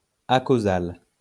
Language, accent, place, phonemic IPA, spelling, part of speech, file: French, France, Lyon, /a.ko.zal/, acausal, adjective, LL-Q150 (fra)-acausal.wav
- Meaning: acausal